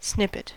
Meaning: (noun) A small part of something, such as a song or fabric; sample
- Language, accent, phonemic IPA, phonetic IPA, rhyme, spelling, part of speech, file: English, US, /ˈsnɪpɪt/, [ˈsnɪpɪ̈(ʔ)t̚], -ɪpɪt, snippet, noun / verb, En-us-snippet.ogg